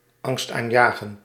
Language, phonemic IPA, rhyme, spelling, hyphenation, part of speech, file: Dutch, /ˌɑŋst.aːnˈjaː.ɣənt/, -aːɣənt, angstaanjagend, angst‧aan‧ja‧gend, adjective, Nl-angstaanjagend.ogg
- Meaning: frightening, terrifying